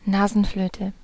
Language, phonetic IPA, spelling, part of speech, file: German, [ˈnaːzn̩ˌfløːtə], Nasenflöte, noun, De-Nasenflöte.ogg
- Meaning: nose flute